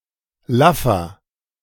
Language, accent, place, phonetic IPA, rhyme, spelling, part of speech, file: German, Germany, Berlin, [ˈlafɐ], -afɐ, laffer, adjective, De-laffer.ogg
- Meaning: 1. comparative degree of laff 2. inflection of laff: strong/mixed nominative masculine singular 3. inflection of laff: strong genitive/dative feminine singular